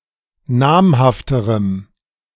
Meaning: strong dative masculine/neuter singular comparative degree of namhaft
- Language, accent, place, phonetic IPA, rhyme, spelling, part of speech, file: German, Germany, Berlin, [ˈnaːmhaftəʁəm], -aːmhaftəʁəm, namhafterem, adjective, De-namhafterem.ogg